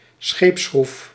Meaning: a ship's propeller
- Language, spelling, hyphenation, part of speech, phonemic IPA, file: Dutch, scheepsschroef, scheeps‧schroef, noun, /ˈsxeːp.sxruf/, Nl-scheepsschroef.ogg